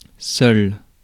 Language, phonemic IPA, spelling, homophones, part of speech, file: French, /sœl/, seul, seuls / seule / seules, adjective, Fr-seul.ogg
- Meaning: 1. lonely 2. alone 3. only 4. single